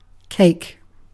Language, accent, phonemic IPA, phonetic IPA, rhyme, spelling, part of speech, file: English, UK, /keɪk/, [ˈk̟ʰeɪ̯k̚], -eɪk, cake, noun / verb, En-uk-cake.ogg
- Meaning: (noun) A rich, sweet dessert food, typically made of flour, sugar, and eggs and baked in an oven, and often covered in icing